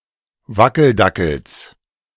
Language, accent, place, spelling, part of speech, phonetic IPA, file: German, Germany, Berlin, Wackeldackels, noun, [ˈvakl̩ˌdakl̩s], De-Wackeldackels.ogg
- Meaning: genitive singular of Wackeldackel